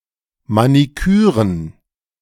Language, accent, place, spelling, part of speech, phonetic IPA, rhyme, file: German, Germany, Berlin, Maniküren, noun, [maniˈkyːʁən], -yːʁən, De-Maniküren.ogg
- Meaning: plural of Maniküre